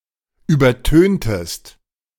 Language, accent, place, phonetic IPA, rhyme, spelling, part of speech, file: German, Germany, Berlin, [ˌyːbɐˈtøːntəst], -øːntəst, übertöntest, verb, De-übertöntest.ogg
- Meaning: inflection of übertönen: 1. second-person singular preterite 2. second-person singular subjunctive II